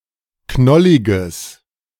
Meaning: strong/mixed nominative/accusative neuter singular of knollig
- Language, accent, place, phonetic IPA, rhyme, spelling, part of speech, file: German, Germany, Berlin, [ˈknɔlɪɡəs], -ɔlɪɡəs, knolliges, adjective, De-knolliges.ogg